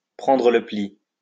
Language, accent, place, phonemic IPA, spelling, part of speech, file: French, France, Lyon, /pʁɑ̃.dʁə lə pli/, prendre le pli, verb, LL-Q150 (fra)-prendre le pli.wav
- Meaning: to get into the groove; to get used to, to get into the habit of